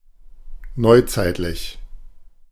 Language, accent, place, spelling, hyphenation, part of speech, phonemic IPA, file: German, Germany, Berlin, neuzeitlich, neu‧zeit‧lich, adjective, /ˈnɔʏ̯ˌt͡saɪ̯tlɪç/, De-neuzeitlich.ogg
- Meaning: 1. modern 2. new age